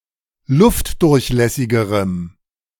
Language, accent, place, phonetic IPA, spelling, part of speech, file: German, Germany, Berlin, [ˈlʊftdʊʁçˌlɛsɪɡəʁəm], luftdurchlässigerem, adjective, De-luftdurchlässigerem.ogg
- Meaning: strong dative masculine/neuter singular comparative degree of luftdurchlässig